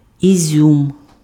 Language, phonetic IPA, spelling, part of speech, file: Ukrainian, [iˈzʲum], ізюм, noun, Uk-ізюм.ogg
- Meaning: raisins